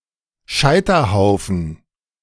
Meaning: 1. stake (pile of stakes used for execution by burning) 2. pyre, funeral pyre 3. a sweet dish made from stale bread rolls, milk, apples and raisins
- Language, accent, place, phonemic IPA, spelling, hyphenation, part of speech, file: German, Germany, Berlin, /ˈʃaɪ̯tɐˌhaʊ̯fn̩/, Scheiterhaufen, Schei‧ter‧hau‧fen, noun, De-Scheiterhaufen.ogg